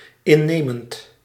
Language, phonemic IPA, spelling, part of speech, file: Dutch, /ɪnˈemənt/, innemend, adjective / verb, Nl-innemend.ogg
- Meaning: present participle of innemen